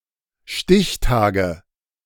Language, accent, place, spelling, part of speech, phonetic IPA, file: German, Germany, Berlin, Stichtage, noun, [ˈʃtɪçˌtaːɡə], De-Stichtage.ogg
- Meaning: nominative/accusative/genitive plural of Stichtag